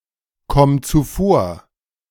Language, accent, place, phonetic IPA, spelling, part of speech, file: German, Germany, Berlin, [ˌkɔm t͡suˈfoːɐ̯], komm zuvor, verb, De-komm zuvor.ogg
- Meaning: singular imperative of zuvorkommen